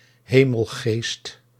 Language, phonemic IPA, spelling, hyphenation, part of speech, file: Dutch, /ˈɦeː.məlˌɣeːst/, hemelgeest, he‧mel‧geest, noun, Nl-hemelgeest.ogg
- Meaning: 1. angel 2. heaven or sky spirit